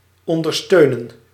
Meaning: to support
- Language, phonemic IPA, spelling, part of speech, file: Dutch, /ˌɔndərˈstøːnə(n)/, ondersteunen, verb, Nl-ondersteunen.ogg